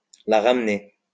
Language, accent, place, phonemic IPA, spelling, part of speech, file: French, France, Lyon, /la ʁam.ne/, la ramener, verb, LL-Q150 (fra)-la ramener.wav
- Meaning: alternative form of se la ramener